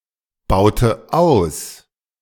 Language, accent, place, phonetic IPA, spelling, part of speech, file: German, Germany, Berlin, [ˌbaʊ̯tə ˈaʊ̯s], baute aus, verb, De-baute aus.ogg
- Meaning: inflection of ausbauen: 1. first/third-person singular preterite 2. first/third-person singular subjunctive II